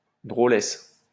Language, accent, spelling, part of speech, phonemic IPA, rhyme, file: French, France, drôlesse, noun, /dʁo.lɛs/, -ɛs, LL-Q150 (fra)-drôlesse.wav
- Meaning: an unintelligent woman